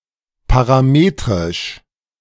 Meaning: parametric
- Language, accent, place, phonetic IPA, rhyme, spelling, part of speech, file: German, Germany, Berlin, [paʁaˈmeːtʁɪʃ], -eːtʁɪʃ, parametrisch, adjective, De-parametrisch.ogg